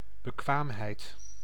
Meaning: 1. competence, capability, skill, adeptness 2. legal capacity
- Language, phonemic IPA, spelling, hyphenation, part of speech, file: Dutch, /bəˈkʋaːmˌɦɛi̯t/, bekwaamheid, be‧kwaam‧heid, noun, Nl-bekwaamheid.ogg